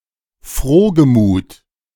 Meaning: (adjective) glad, of good cheer; debonair; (adverb) gladly
- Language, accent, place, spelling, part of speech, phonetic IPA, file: German, Germany, Berlin, frohgemut, adjective, [ˈfʁoːɡəˌmuːt], De-frohgemut.ogg